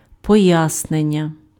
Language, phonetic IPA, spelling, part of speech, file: Ukrainian, [pɔˈjasnenʲːɐ], пояснення, noun, Uk-пояснення.ogg
- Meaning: explanation, explication